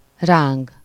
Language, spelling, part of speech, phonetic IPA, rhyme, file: Hungarian, ráng, verb, [ˈraːŋɡ], -aːŋɡ, Hu-ráng.ogg
- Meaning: to jerk, twitch, squirm, writhe